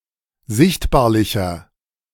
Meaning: 1. comparative degree of sichtbarlich 2. inflection of sichtbarlich: strong/mixed nominative masculine singular 3. inflection of sichtbarlich: strong genitive/dative feminine singular
- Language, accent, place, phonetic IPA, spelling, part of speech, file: German, Germany, Berlin, [ˈzɪçtbaːɐ̯lɪçɐ], sichtbarlicher, adjective, De-sichtbarlicher.ogg